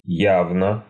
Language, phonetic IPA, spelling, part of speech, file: Russian, [ˈjavnə], явно, adverb / adjective, Ru-явно.ogg
- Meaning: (adverb) 1. clearly, evidently, obviously 2. explicitly; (adjective) short neuter singular of я́вный (jávnyj, “open, obvious, evident”)